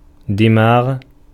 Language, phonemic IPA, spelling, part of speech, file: Arabic, /di.maːɣ/, دماغ, noun, Ar-دماغ.ogg
- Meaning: brain (control center of the central nervous system)